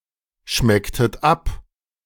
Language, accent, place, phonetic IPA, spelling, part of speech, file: German, Germany, Berlin, [ˌʃmɛktət ˈap], schmecktet ab, verb, De-schmecktet ab.ogg
- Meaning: inflection of abschmecken: 1. second-person plural preterite 2. second-person plural subjunctive II